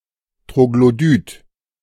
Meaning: troglodyte
- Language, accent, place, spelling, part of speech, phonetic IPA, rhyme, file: German, Germany, Berlin, Troglodyt, noun, [tʁoɡloˈdyːt], -yːt, De-Troglodyt.ogg